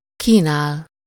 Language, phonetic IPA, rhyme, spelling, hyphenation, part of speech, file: Hungarian, [ˈkiːnaːl], -aːl, kínál, kí‧nál, verb, Hu-kínál.ogg
- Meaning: 1. to offer (someone) something, especially food or drink (-val/-vel) 2. to offer (something) to someone (-nak/-nek) 3. to offer (something) for sale 4. to offer, present (something) to the sight etc